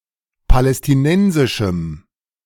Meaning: strong dative masculine/neuter singular of palästinensisch
- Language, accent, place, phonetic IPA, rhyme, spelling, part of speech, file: German, Germany, Berlin, [palɛstɪˈnɛnzɪʃm̩], -ɛnzɪʃm̩, palästinensischem, adjective, De-palästinensischem.ogg